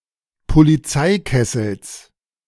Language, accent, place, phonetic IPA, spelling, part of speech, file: German, Germany, Berlin, [poliˈt͡saɪ̯ˌkɛsl̩s], Polizeikessels, noun, De-Polizeikessels.ogg
- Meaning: genitive singular of Polizeikessel